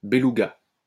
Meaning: beluga (creature, caviar)
- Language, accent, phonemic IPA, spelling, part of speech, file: French, France, /be.lu.ɡa/, belouga, noun, LL-Q150 (fra)-belouga.wav